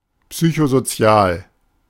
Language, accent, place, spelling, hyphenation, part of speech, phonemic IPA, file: German, Germany, Berlin, psychosozial, psy‧cho‧so‧zi‧al, adjective, /ˌpsyçozoˈt͡si̯aːl/, De-psychosozial.ogg
- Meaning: psychosocial